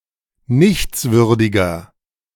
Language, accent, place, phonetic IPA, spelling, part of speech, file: German, Germany, Berlin, [ˈnɪçt͡sˌvʏʁdɪɡɐ], nichtswürdiger, adjective, De-nichtswürdiger.ogg
- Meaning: 1. comparative degree of nichtswürdig 2. inflection of nichtswürdig: strong/mixed nominative masculine singular 3. inflection of nichtswürdig: strong genitive/dative feminine singular